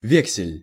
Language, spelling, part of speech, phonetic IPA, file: Russian, вексель, noun, [ˈvʲeksʲɪlʲ], Ru-вексель.ogg
- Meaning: bill of credit, bill of exchange, promissory note